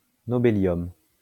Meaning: nobelium
- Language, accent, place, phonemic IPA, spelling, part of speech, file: French, France, Lyon, /nɔ.be.ljɔm/, nobélium, noun, LL-Q150 (fra)-nobélium.wav